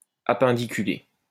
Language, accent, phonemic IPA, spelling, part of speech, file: French, France, /a.pɛ̃.di.ky.le/, appendiculé, adjective, LL-Q150 (fra)-appendiculé.wav
- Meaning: appendiculate